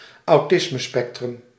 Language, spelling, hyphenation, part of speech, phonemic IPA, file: Dutch, autismespectrum, au‧tis‧me‧spec‧trum, noun, /ɑu̯ˈtɪs.məˌspɛk.trʏm/, Nl-autismespectrum.ogg
- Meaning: autism spectrum